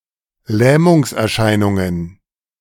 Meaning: plural of Lähmungserscheinung
- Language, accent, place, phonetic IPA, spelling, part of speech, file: German, Germany, Berlin, [ˈlɛːmʊŋsʔɛɐ̯ˌʃaɪ̯nʊŋən], Lähmungserscheinungen, noun, De-Lähmungserscheinungen.ogg